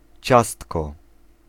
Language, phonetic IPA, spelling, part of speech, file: Polish, [ˈt͡ɕastkɔ], ciastko, noun, Pl-ciastko.ogg